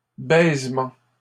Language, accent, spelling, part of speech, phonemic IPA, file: French, Canada, baisement, noun, /bɛz.mɑ̃/, LL-Q150 (fra)-baisement.wav
- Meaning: 1. kissing 2. fucking